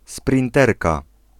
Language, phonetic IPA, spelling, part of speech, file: Polish, [sprʲĩnˈtɛrka], sprinterka, noun, Pl-sprinterka.ogg